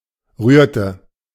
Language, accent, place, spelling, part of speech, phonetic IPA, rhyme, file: German, Germany, Berlin, rührte, verb, [ˈʁyːɐ̯tə], -yːɐ̯tə, De-rührte.ogg
- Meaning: inflection of rühren: 1. first/third-person singular preterite 2. first/third-person singular subjunctive II